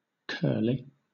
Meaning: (adjective) 1. Having curls 2. Curling in a direction, as opposed to straight (quotation marks or apostrophes) 3. Complicated and difficult; knotty; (noun) a person or animal with curly hair
- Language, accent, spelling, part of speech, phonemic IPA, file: English, Southern England, curly, adjective / noun, /ˈkɜːli/, LL-Q1860 (eng)-curly.wav